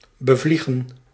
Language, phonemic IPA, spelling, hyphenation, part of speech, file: Dutch, /ˌbəˈvli.ɣə(n)/, bevliegen, be‧vlie‧gen, verb, Nl-bevliegen.ogg
- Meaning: 1. to fly upon 2. to travel across by flying